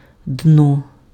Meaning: 1. bed (of a river), bottom (of a lake) 2. lowest stratum (of a capitalist society) 3. bottom part (of an object)
- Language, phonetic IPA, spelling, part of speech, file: Ukrainian, [dnɔ], дно, noun, Uk-дно.ogg